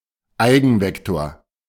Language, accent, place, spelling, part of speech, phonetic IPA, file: German, Germany, Berlin, Eigenvektor, noun, [ˈaɪ̯ɡn̩ˌvɛktoːɐ̯], De-Eigenvektor.ogg
- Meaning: eigenvector